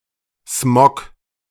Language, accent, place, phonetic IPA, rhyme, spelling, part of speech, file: German, Germany, Berlin, [smɔk], -ɔk, Smog, noun, De-Smog.ogg
- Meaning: smog